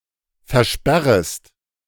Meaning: second-person singular subjunctive I of versperren
- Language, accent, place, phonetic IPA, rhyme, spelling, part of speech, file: German, Germany, Berlin, [fɛɐ̯ˈʃpɛʁəst], -ɛʁəst, versperrest, verb, De-versperrest.ogg